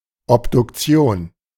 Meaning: autopsy (post-mortem examination involving dissection of the body)
- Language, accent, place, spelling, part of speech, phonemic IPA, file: German, Germany, Berlin, Obduktion, noun, /ɔpdʊkˈtsjoːn/, De-Obduktion.ogg